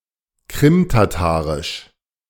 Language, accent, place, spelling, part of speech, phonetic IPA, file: German, Germany, Berlin, Krimtatarisch, noun, [ˈkʁɪmtaˌtaːʁɪʃ], De-Krimtatarisch.ogg
- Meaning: Crimean Tatar (a Turkic language)